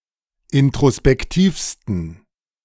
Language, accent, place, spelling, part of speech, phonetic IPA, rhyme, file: German, Germany, Berlin, introspektivsten, adjective, [ɪntʁospɛkˈtiːfstn̩], -iːfstn̩, De-introspektivsten.ogg
- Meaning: 1. superlative degree of introspektiv 2. inflection of introspektiv: strong genitive masculine/neuter singular superlative degree